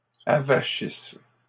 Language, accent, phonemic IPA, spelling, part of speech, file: French, Canada, /a.va.ʃis/, avachisses, verb, LL-Q150 (fra)-avachisses.wav
- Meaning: second-person singular present/imperfect subjunctive of avachir